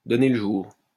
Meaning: 1. to give birth 2. to create, to engender, to bring into existence
- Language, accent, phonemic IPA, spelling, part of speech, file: French, France, /dɔ.ne l(ə) ʒuʁ/, donner le jour, verb, LL-Q150 (fra)-donner le jour.wav